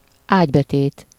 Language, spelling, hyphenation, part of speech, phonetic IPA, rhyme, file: Hungarian, ágybetét, ágy‧be‧tét, noun, [ˈaːɟbɛteːt], -eːt, Hu-ágybetét.ogg
- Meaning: 1. bed slats, bedboard (the part of the bed consisting of a board or long thin slats under the mattress) 2. mattress